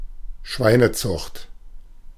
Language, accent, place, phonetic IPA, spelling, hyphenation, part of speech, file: German, Germany, Berlin, [ˈʃvaɪ̯nəˌt͡sʊxt], Schweinezucht, Schwei‧ne‧zucht, noun, De-Schweinezucht.ogg
- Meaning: pig farming (the raising and breeding of domestic pigs as livestock)